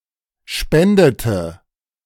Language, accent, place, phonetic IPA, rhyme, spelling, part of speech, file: German, Germany, Berlin, [ˈʃpɛndətə], -ɛndətə, spendete, verb, De-spendete.ogg
- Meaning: inflection of spenden: 1. first/third-person singular preterite 2. first/third-person singular subjunctive II